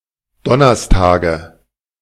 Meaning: nominative/accusative/genitive plural of Donnerstag
- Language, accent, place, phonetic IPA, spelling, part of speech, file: German, Germany, Berlin, [ˈdɔnɐstaːɡə], Donnerstage, noun, De-Donnerstage.ogg